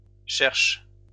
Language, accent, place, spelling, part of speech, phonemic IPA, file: French, France, Lyon, cherches, verb, /ʃɛʁʃ/, LL-Q150 (fra)-cherches.wav
- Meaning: second-person singular present indicative of chercher